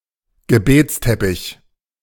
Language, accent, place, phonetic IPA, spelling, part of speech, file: German, Germany, Berlin, [ɡəˈbeːt͡sˌtɛpɪç], Gebetsteppich, noun, De-Gebetsteppich.ogg
- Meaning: prayer rug, prayer mat